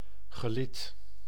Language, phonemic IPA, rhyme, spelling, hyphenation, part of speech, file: Dutch, /ɣəˈlɪt/, -ɪt, gelid, ge‧lid, noun, Nl-gelid.ogg
- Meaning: 1. row of a formation, battle line 2. an organizational rank, especially a military rank 3. a joint, a point of articulation